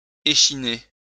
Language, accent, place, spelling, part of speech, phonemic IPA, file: French, France, Lyon, échiner, verb, /e.ʃi.ne/, LL-Q150 (fra)-échiner.wav
- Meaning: 1. to break someone's back 2. to wear out, to tire 3. to break one's back 4. to tire oneself out